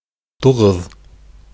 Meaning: nine
- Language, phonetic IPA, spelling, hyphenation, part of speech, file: Bashkir, [tuˈʁɯ̞ð], туғыҙ, ту‧ғыҙ, numeral, Ba-туғыҙ.ogg